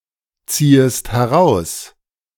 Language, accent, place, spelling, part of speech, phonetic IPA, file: German, Germany, Berlin, ziehest heraus, verb, [ˌt͡siːəst hɛˈʁaʊ̯s], De-ziehest heraus.ogg
- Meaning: second-person singular subjunctive I of herausziehen